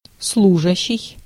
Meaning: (verb) present active imperfective participle of служи́ть (služítʹ); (noun) 1. employee 2. office worker, white-collar worker; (adjective) used (for, to)
- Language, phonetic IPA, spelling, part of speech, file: Russian, [ˈsɫuʐəɕːɪj], служащий, verb / noun / adjective, Ru-служащий.ogg